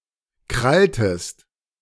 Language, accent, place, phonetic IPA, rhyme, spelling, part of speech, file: German, Germany, Berlin, [ˈkʁaltəst], -altəst, kralltest, verb, De-kralltest.ogg
- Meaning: inflection of krallen: 1. second-person singular preterite 2. second-person singular subjunctive II